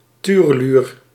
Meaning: common redshank (Tringa totanus)
- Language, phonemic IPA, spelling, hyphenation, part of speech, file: Dutch, /ˈtyːrəˌlyːr/, tureluur, tu‧re‧luur, noun, Nl-tureluur.ogg